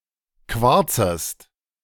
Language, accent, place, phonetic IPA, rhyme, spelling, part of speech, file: German, Germany, Berlin, [ˈkvaʁt͡səst], -aʁt͡səst, quarzest, verb, De-quarzest.ogg
- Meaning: second-person singular subjunctive I of quarzen